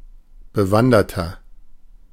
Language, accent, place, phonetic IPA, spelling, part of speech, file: German, Germany, Berlin, [bəˈvandɐtɐ], bewanderter, adjective, De-bewanderter.ogg
- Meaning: 1. comparative degree of bewandert 2. inflection of bewandert: strong/mixed nominative masculine singular 3. inflection of bewandert: strong genitive/dative feminine singular